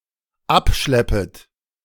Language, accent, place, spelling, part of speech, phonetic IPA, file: German, Germany, Berlin, abschleppet, verb, [ˈapˌʃlɛpət], De-abschleppet.ogg
- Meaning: second-person plural dependent subjunctive I of abschleppen